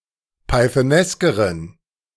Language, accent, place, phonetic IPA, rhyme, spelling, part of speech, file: German, Germany, Berlin, [paɪ̯θəˈnɛskəʁən], -ɛskəʁən, pythoneskeren, adjective, De-pythoneskeren.ogg
- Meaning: inflection of pythonesk: 1. strong genitive masculine/neuter singular comparative degree 2. weak/mixed genitive/dative all-gender singular comparative degree